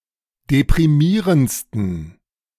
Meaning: 1. superlative degree of deprimierend 2. inflection of deprimierend: strong genitive masculine/neuter singular superlative degree
- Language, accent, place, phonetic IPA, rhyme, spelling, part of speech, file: German, Germany, Berlin, [depʁiˈmiːʁənt͡stn̩], -iːʁənt͡stn̩, deprimierendsten, adjective, De-deprimierendsten.ogg